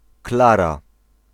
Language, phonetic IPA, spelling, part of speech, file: Polish, [ˈklara], Klara, proper noun, Pl-Klara.ogg